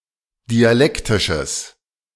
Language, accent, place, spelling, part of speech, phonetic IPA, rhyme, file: German, Germany, Berlin, dialektisches, adjective, [diaˈlɛktɪʃəs], -ɛktɪʃəs, De-dialektisches.ogg
- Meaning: strong/mixed nominative/accusative neuter singular of dialektisch